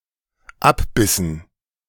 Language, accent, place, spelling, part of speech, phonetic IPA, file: German, Germany, Berlin, abbissen, verb, [ˈapˌbɪsn̩], De-abbissen.ogg
- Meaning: inflection of abbeißen: 1. first/third-person plural dependent preterite 2. first/third-person plural dependent subjunctive II